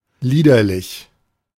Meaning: slovenly, wanton, dissolute, lax
- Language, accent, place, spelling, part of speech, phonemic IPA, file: German, Germany, Berlin, liederlich, adjective, /ˈliːdɐlɪç/, De-liederlich.ogg